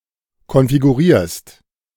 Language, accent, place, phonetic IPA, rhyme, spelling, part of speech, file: German, Germany, Berlin, [kɔnfiɡuˈʁiːɐ̯st], -iːɐ̯st, konfigurierst, verb, De-konfigurierst.ogg
- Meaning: second-person singular present of konfigurieren